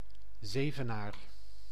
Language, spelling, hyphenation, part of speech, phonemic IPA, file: Dutch, Zevenaar, Ze‧ve‧naar, proper noun, /ˈzeː.vəˌnaːr/, Nl-Zevenaar.ogg
- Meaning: Zevenaar (a city and municipality of Gelderland, Netherlands)